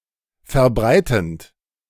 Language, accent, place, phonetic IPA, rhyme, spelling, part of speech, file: German, Germany, Berlin, [fɛɐ̯ˈbʁaɪ̯tn̩t], -aɪ̯tn̩t, verbreitend, verb, De-verbreitend.ogg
- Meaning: present participle of verbreiten